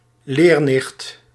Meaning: gay man dressed in leather
- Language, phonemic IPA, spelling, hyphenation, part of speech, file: Dutch, /ˈleːr.nɪxt/, leernicht, leer‧nicht, noun, Nl-leernicht.ogg